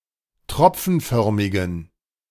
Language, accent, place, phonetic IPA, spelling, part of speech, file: German, Germany, Berlin, [ˈtʁɔp͡fn̩ˌfœʁmɪɡn̩], tropfenförmigen, adjective, De-tropfenförmigen.ogg
- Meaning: inflection of tropfenförmig: 1. strong genitive masculine/neuter singular 2. weak/mixed genitive/dative all-gender singular 3. strong/weak/mixed accusative masculine singular 4. strong dative plural